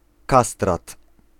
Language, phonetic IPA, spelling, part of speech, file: Polish, [ˈkastrat], kastrat, noun, Pl-kastrat.ogg